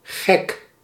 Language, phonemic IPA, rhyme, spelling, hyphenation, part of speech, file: Dutch, /ɣɛk/, -ɛk, gek, gek, adjective / noun, Nl-gek.ogg
- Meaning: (adjective) 1. crazy, mad 2. ludicrous, farcical 3. silly, playful; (noun) 1. lunatic, madman 2. cowl (on a chimney)